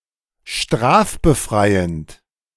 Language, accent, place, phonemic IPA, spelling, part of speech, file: German, Germany, Berlin, /ˈʃtʁaːfbəˌfʁaɪ̯ənt/, strafbefreiend, adjective, De-strafbefreiend.ogg
- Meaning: immune from prosecution